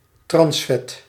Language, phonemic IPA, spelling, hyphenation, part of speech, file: Dutch, /ˈtrɑns.fɛt/, transvet, trans‧vet, noun, Nl-transvet.ogg
- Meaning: a transfat